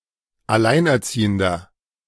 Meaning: 1. single father 2. inflection of Alleinerziehende: strong genitive/dative singular 3. inflection of Alleinerziehende: strong genitive plural
- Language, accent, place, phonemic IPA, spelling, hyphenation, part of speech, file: German, Germany, Berlin, /aˈlaɪ̯nʔɛɐ̯ˌt͡siːəndɐ/, Alleinerziehender, Al‧lein‧er‧zie‧hen‧der, noun, De-Alleinerziehender.ogg